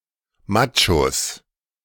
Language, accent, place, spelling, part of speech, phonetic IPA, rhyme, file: German, Germany, Berlin, Machos, noun, [ˈmat͡ʃos], -at͡ʃos, De-Machos.ogg
- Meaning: plural of Macho